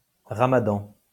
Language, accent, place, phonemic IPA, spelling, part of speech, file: French, France, Lyon, /ʁa.ma.dɑ̃/, ramadan, noun, LL-Q150 (fra)-ramadan.wav
- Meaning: Ramadan (holy ninth month of Islamic lunar calendar)